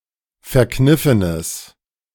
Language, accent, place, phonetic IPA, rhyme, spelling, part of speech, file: German, Germany, Berlin, [fɛɐ̯ˈknɪfənəs], -ɪfənəs, verkniffenes, adjective, De-verkniffenes.ogg
- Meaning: strong/mixed nominative/accusative neuter singular of verkniffen